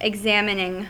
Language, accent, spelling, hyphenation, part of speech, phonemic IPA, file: English, US, examining, ex‧am‧in‧ing, verb / adjective / noun, /ɪɡˈzæmɪnɪŋ/, En-us-examining.ogg
- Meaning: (verb) present participle and gerund of examine; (adjective) Tending to examine or engaged in close examination; studiously observant; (noun) examination